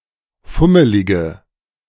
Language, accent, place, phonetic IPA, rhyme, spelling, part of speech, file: German, Germany, Berlin, [ˈfʊməlɪɡə], -ʊməlɪɡə, fummelige, adjective, De-fummelige.ogg
- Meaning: inflection of fummelig: 1. strong/mixed nominative/accusative feminine singular 2. strong nominative/accusative plural 3. weak nominative all-gender singular